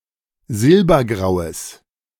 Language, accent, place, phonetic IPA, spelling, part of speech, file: German, Germany, Berlin, [ˈzɪlbɐˌɡʁaʊ̯əs], silbergraues, adjective, De-silbergraues.ogg
- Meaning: strong/mixed nominative/accusative neuter singular of silbergrau